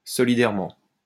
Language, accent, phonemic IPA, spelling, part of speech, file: French, France, /sɔ.li.dɛʁ.mɑ̃/, solidairement, adverb, LL-Q150 (fra)-solidairement.wav
- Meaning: jointly, severally